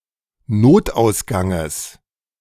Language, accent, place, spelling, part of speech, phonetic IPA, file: German, Germany, Berlin, Notausganges, noun, [ˈnoːtʔaʊ̯sˌɡaŋəs], De-Notausganges.ogg
- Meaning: genitive singular of Notausgang